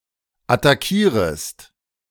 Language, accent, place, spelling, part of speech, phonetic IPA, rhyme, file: German, Germany, Berlin, attackierest, verb, [ataˈkiːʁəst], -iːʁəst, De-attackierest.ogg
- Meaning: second-person singular subjunctive I of attackieren